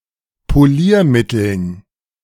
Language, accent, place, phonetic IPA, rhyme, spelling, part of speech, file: German, Germany, Berlin, [poˈliːɐ̯ˌmɪtl̩n], -iːɐ̯mɪtl̩n, Poliermitteln, noun, De-Poliermitteln.ogg
- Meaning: dative plural of Poliermittel